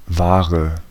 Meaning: goods, merchandise, ware, commodity
- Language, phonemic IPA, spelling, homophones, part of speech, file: German, /ˈvaːʁə/, Ware, wahre, noun, De-Ware.ogg